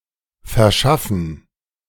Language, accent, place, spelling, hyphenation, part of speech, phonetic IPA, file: German, Germany, Berlin, verschaffen, ver‧schaf‧fen, verb, [fɛʁˈʃafn̩], De-verschaffen.ogg
- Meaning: to provide, supply, procure